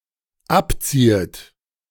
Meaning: second-person plural dependent subjunctive I of abziehen
- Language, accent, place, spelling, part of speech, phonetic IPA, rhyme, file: German, Germany, Berlin, abziehet, verb, [ˈapˌt͡siːət], -apt͡siːət, De-abziehet.ogg